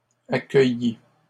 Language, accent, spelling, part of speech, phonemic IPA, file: French, Canada, accueillit, verb, /a.kœ.ji/, LL-Q150 (fra)-accueillit.wav
- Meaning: third-person singular past historic of accueillir